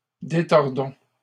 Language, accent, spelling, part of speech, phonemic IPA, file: French, Canada, détordons, verb, /de.tɔʁ.dɔ̃/, LL-Q150 (fra)-détordons.wav
- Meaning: inflection of détordre: 1. first-person plural present indicative 2. first-person plural imperative